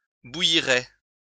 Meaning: third-person plural conditional of bouillir
- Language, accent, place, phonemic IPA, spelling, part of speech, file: French, France, Lyon, /bu.ji.ʁɛ/, bouilliraient, verb, LL-Q150 (fra)-bouilliraient.wav